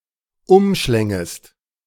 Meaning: second-person singular subjunctive II of umschlingen
- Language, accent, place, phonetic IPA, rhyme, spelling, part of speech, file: German, Germany, Berlin, [ˈʊmˌʃlɛŋəst], -ʊmʃlɛŋəst, umschlängest, verb, De-umschlängest.ogg